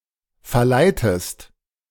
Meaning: inflection of verleiten: 1. second-person singular present 2. second-person singular subjunctive I
- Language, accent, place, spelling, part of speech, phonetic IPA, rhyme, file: German, Germany, Berlin, verleitest, verb, [fɛɐ̯ˈlaɪ̯təst], -aɪ̯təst, De-verleitest.ogg